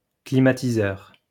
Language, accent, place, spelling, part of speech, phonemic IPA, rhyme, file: French, France, Lyon, climatiseur, noun, /kli.ma.ti.zœʁ/, -œʁ, LL-Q150 (fra)-climatiseur.wav
- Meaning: air conditioner